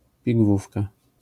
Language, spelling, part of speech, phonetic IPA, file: Polish, pigwówka, noun, [pʲiɡˈvufka], LL-Q809 (pol)-pigwówka.wav